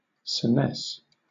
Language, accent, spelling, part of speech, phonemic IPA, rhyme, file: English, Southern England, senesce, verb, /səˈnɛs/, -ɛs, LL-Q1860 (eng)-senesce.wav
- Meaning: To grow older; to reach maturity